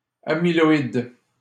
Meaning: amyloid
- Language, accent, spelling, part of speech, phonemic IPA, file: French, Canada, amyloïde, adjective, /a.mi.lɔ.id/, LL-Q150 (fra)-amyloïde.wav